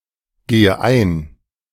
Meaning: inflection of eingehen: 1. first-person singular present 2. first/third-person singular subjunctive I 3. singular imperative
- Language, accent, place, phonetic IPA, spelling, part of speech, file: German, Germany, Berlin, [ˌɡeːə ˈaɪ̯n], gehe ein, verb, De-gehe ein.ogg